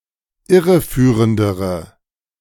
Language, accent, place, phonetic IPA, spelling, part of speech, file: German, Germany, Berlin, [ˈɪʁəˌfyːʁəndəʁə], irreführendere, adjective, De-irreführendere.ogg
- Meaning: inflection of irreführend: 1. strong/mixed nominative/accusative feminine singular comparative degree 2. strong nominative/accusative plural comparative degree